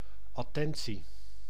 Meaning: 1. attention, attentiveness 2. courteousness, urbanity
- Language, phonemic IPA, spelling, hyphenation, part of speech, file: Dutch, /ˌɑˈtɛn.(t)si/, attentie, at‧ten‧tie, noun, Nl-attentie.ogg